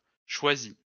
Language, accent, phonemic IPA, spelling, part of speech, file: French, France, /ʃwa.zi/, choisît, verb, LL-Q150 (fra)-choisît.wav
- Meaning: third-person singular imperfect subjunctive of choisir